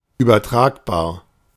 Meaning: transferable
- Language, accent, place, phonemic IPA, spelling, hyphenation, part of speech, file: German, Germany, Berlin, /yːbɐˈtʁaːkbaːɐ̯/, übertragbar, über‧trag‧bar, adjective, De-übertragbar.ogg